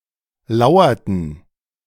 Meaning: inflection of lauern: 1. first/third-person plural preterite 2. first/third-person plural subjunctive II
- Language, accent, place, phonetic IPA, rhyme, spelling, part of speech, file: German, Germany, Berlin, [ˈlaʊ̯ɐtn̩], -aʊ̯ɐtn̩, lauerten, verb, De-lauerten.ogg